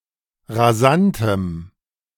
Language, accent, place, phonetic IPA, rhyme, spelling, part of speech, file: German, Germany, Berlin, [ʁaˈzantəm], -antəm, rasantem, adjective, De-rasantem.ogg
- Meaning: strong dative masculine/neuter singular of rasant